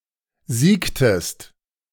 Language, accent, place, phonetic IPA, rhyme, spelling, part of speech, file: German, Germany, Berlin, [ˈziːktəst], -iːktəst, siegtest, verb, De-siegtest.ogg
- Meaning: inflection of siegen: 1. second-person singular preterite 2. second-person singular subjunctive II